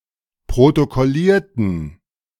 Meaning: inflection of protokollieren: 1. first/third-person plural preterite 2. first/third-person plural subjunctive II
- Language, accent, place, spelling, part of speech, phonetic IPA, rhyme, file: German, Germany, Berlin, protokollierten, adjective / verb, [pʁotokɔˈliːɐ̯tn̩], -iːɐ̯tn̩, De-protokollierten.ogg